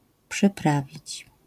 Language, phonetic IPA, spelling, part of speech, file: Polish, [pʃɨˈpravʲit͡ɕ], przyprawić, verb, LL-Q809 (pol)-przyprawić.wav